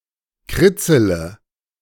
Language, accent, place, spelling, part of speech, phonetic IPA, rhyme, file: German, Germany, Berlin, kritzele, verb, [ˈkʁɪt͡sələ], -ɪt͡sələ, De-kritzele.ogg
- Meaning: inflection of kritzeln: 1. first-person singular present 2. singular imperative 3. first/third-person singular subjunctive I